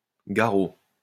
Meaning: 1. tourniquet 2. garrot (small wooden cylinder) 3. garrote 4. goldeneye (duck) 5. withers
- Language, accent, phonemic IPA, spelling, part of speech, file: French, France, /ɡa.ʁo/, garrot, noun, LL-Q150 (fra)-garrot.wav